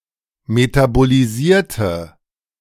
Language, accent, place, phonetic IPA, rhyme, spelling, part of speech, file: German, Germany, Berlin, [ˌmetaboliˈziːɐ̯tə], -iːɐ̯tə, metabolisierte, adjective / verb, De-metabolisierte.ogg
- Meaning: inflection of metabolisiert: 1. strong/mixed nominative/accusative feminine singular 2. strong nominative/accusative plural 3. weak nominative all-gender singular